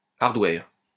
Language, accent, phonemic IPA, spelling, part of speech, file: French, France, /aʁ.dwɛʁ/, hardware, noun, LL-Q150 (fra)-hardware.wav
- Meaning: hardware